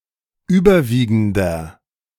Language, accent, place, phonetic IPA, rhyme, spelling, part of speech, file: German, Germany, Berlin, [ˈyːbɐˌviːɡn̩dɐ], -iːɡn̩dɐ, überwiegender, adjective, De-überwiegender.ogg
- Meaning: inflection of überwiegend: 1. strong/mixed nominative masculine singular 2. strong genitive/dative feminine singular 3. strong genitive plural